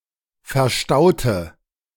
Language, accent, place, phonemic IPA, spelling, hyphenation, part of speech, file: German, Germany, Berlin, /fɛɐ̯ˈʃtaʊ̯tə/, verstaute, ver‧stau‧te, verb, De-verstaute.ogg
- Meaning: inflection of verstauen: 1. first/third-person singular preterite 2. first/third-person singular subjunctive II